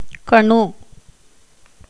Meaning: 1. joint of a bamboo, cane, etc 2. node 3. bamboo 4. knuckle, joint of the spine, vertebra 5. tubercle of a bone 6. cuticle
- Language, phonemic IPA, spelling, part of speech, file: Tamil, /kɐɳɯ/, கணு, noun, Ta-கணு.ogg